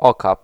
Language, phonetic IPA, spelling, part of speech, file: Polish, [ˈɔkap], okap, noun, Pl-okap.ogg